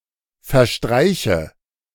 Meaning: inflection of verstreichen: 1. first-person singular present 2. first/third-person singular subjunctive I 3. singular imperative
- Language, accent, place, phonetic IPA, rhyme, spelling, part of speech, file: German, Germany, Berlin, [fɛɐ̯ˈʃtʁaɪ̯çə], -aɪ̯çə, verstreiche, verb, De-verstreiche.ogg